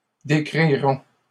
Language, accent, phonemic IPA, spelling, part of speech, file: French, Canada, /de.kʁi.ʁɔ̃/, décriront, verb, LL-Q150 (fra)-décriront.wav
- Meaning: third-person plural future of décrire